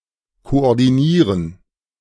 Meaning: 1. to coordinate, to harmonize (to handle in a centralized and systematic way) 2. to get on the same page
- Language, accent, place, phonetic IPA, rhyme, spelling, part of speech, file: German, Germany, Berlin, [koʔɔʁdiˈniːʁən], -iːʁən, koordinieren, verb, De-koordinieren.ogg